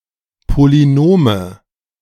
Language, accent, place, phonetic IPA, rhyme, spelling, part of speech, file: German, Germany, Berlin, [poliˈnoːmə], -oːmə, Polynome, noun, De-Polynome.ogg
- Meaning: nominative/accusative/genitive plural of Polynom